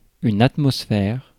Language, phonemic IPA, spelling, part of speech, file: French, /at.mɔs.fɛʁ/, atmosphère, noun, Fr-atmosphère.ogg
- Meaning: atmosphere